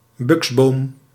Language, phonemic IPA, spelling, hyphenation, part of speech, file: Dutch, /ˈbʏks.boːm/, buksboom, buks‧boom, noun, Nl-buksboom.ogg
- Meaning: box, box tree (any tree of the genus Buxus)